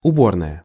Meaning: 1. dressing room 2. restroom, lavatory
- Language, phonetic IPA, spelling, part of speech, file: Russian, [ʊˈbornəjə], уборная, noun, Ru-уборная.ogg